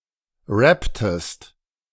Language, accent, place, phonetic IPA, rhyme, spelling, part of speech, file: German, Germany, Berlin, [ˈʁɛptəst], -ɛptəst, rapptest, verb, De-rapptest.ogg
- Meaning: inflection of rappen: 1. second-person singular preterite 2. second-person singular subjunctive II